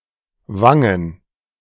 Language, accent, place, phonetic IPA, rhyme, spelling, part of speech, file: German, Germany, Berlin, [ˈvaŋən], -aŋən, Wangen, proper noun / noun, De-Wangen.ogg
- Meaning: plural of Wange